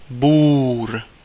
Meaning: Boer
- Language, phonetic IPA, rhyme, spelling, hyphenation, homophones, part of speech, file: Czech, [ˈbuːr], -uːr, Búr, Búr, bůr, noun, Cs-Búr.ogg